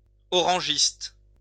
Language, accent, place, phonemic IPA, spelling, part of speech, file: French, France, Lyon, /ɔ.ʁɑ̃.ʒist/, orangiste, adjective / noun, LL-Q150 (fra)-orangiste.wav
- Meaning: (adjective) Orangeism; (noun) Orangeman